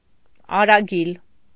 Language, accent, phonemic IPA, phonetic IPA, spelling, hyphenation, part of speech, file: Armenian, Eastern Armenian, /ɑɾɑˈɡil/, [ɑɾɑɡíl], արագիլ, ա‧րա‧գիլ, noun, Hy-արագիլ.ogg
- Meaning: stork (bird of the family Ciconiidae)